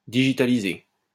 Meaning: to digitize
- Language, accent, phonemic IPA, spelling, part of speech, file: French, France, /di.ʒi.ta.li.ze/, digitaliser, verb, LL-Q150 (fra)-digitaliser.wav